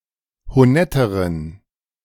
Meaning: inflection of honett: 1. strong genitive masculine/neuter singular comparative degree 2. weak/mixed genitive/dative all-gender singular comparative degree
- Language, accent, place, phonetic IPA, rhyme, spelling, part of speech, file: German, Germany, Berlin, [hoˈnɛtəʁən], -ɛtəʁən, honetteren, adjective, De-honetteren.ogg